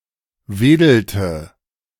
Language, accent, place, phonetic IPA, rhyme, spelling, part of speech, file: German, Germany, Berlin, [ˈveːdl̩tə], -eːdl̩tə, wedelte, verb, De-wedelte.ogg
- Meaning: inflection of wedeln: 1. first/third-person singular preterite 2. first/third-person singular subjunctive II